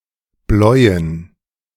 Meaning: to blue
- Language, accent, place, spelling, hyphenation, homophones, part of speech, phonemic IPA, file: German, Germany, Berlin, bläuen, bläu‧en, bleuen, verb, /ˈblɔɪ̯ən/, De-bläuen.ogg